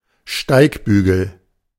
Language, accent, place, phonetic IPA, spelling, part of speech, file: German, Germany, Berlin, [ˈʃtaɪ̯kˌbyːɡl̩], Steigbügel, noun, De-Steigbügel.ogg
- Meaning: 1. stirrup 2. stapes, stirrup